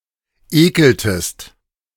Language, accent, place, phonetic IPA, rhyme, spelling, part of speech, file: German, Germany, Berlin, [ˈeːkl̩təst], -eːkl̩təst, ekeltest, verb, De-ekeltest.ogg
- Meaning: inflection of ekeln: 1. second-person singular preterite 2. second-person singular subjunctive II